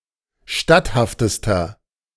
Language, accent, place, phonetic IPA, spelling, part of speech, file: German, Germany, Berlin, [ˈʃtathaftəstɐ], statthaftester, adjective, De-statthaftester.ogg
- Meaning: inflection of statthaft: 1. strong/mixed nominative masculine singular superlative degree 2. strong genitive/dative feminine singular superlative degree 3. strong genitive plural superlative degree